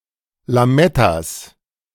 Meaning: genitive singular of Lametta
- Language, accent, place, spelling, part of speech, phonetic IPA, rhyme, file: German, Germany, Berlin, Lamettas, noun, [laˈmɛtas], -ɛtas, De-Lamettas.ogg